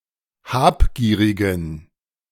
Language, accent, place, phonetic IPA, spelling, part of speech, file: German, Germany, Berlin, [ˈhaːpˌɡiːʁɪɡn̩], habgierigen, adjective, De-habgierigen.ogg
- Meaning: inflection of habgierig: 1. strong genitive masculine/neuter singular 2. weak/mixed genitive/dative all-gender singular 3. strong/weak/mixed accusative masculine singular 4. strong dative plural